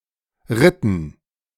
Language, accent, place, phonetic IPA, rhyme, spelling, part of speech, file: German, Germany, Berlin, [ˈʁɪtn̩], -ɪtn̩, Ritten, proper noun / noun, De-Ritten.ogg
- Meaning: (proper noun) a municipality of South Tyrol; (noun) dative plural of Ritt